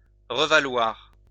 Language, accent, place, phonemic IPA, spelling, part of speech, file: French, France, Lyon, /ʁə.va.lwaʁ/, revaloir, verb, LL-Q150 (fra)-revaloir.wav
- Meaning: to get even (with)